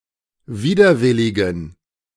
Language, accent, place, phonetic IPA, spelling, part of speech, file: German, Germany, Berlin, [ˈviːdɐˌvɪlɪɡn̩], widerwilligen, adjective, De-widerwilligen.ogg
- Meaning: inflection of widerwillig: 1. strong genitive masculine/neuter singular 2. weak/mixed genitive/dative all-gender singular 3. strong/weak/mixed accusative masculine singular 4. strong dative plural